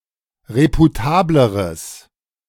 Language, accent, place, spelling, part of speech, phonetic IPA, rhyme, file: German, Germany, Berlin, reputableres, adjective, [ˌʁepuˈtaːbləʁəs], -aːbləʁəs, De-reputableres.ogg
- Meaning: strong/mixed nominative/accusative neuter singular comparative degree of reputabel